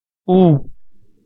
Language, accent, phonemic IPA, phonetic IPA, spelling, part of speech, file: Armenian, Eastern Armenian, /u/, [u], ու, character / conjunction, Hy-ու.ogg
- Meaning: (character) The 34th letter of Armenian alphabet according to Reformed Orthography. Represents close back rounded vowel: [u]. Transliterated as u (sometimes as ow); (conjunction) and